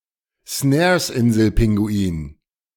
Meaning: Snares penguin
- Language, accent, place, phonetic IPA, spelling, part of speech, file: German, Germany, Berlin, [ˈsnɛːɐ̯sˌʔɪnzl̩ˌpɪŋɡuiːn], Snaresinselpinguin, noun, De-Snaresinselpinguin.ogg